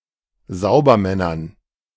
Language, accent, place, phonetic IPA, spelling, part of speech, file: German, Germany, Berlin, [ˈzaʊ̯bɐˌmɛnɐn], Saubermännern, noun, De-Saubermännern.ogg
- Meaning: dative plural of Saubermann